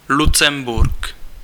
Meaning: 1. Luxembourg, Luxembourg City (the capital city of Luxembourg) 2. member of the House of Luxembourg (royal German family in the Middle Ages)
- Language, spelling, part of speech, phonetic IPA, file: Czech, Lucemburk, proper noun, [ˈlut͡sɛmburk], Cs-Lucemburk.ogg